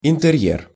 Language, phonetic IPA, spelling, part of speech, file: Russian, [ɪntɨˈrʲjer], интерьер, noun, Ru-интерьер.ogg
- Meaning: interior (of a building, room)